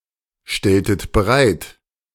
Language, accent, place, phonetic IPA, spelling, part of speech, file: German, Germany, Berlin, [ˌʃtɛltət bəˈʁaɪ̯t], stelltet bereit, verb, De-stelltet bereit.ogg
- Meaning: inflection of bereitstellen: 1. second-person plural preterite 2. second-person plural subjunctive II